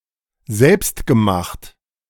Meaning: 1. self-made 2. homemade
- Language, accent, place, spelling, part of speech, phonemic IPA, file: German, Germany, Berlin, selbstgemacht, adjective, /ˈzɛlpstɡəˌmaχt/, De-selbstgemacht.ogg